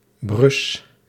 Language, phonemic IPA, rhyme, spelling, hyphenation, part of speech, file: Dutch, /brʏs/, -ʏs, brus, brus, noun, Nl-brus.ogg
- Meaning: sibling